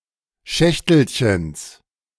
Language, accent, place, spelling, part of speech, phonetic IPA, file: German, Germany, Berlin, Schächtelchens, noun, [ˈʃɛçtl̩çəns], De-Schächtelchens.ogg
- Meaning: genitive singular of Schächtelchen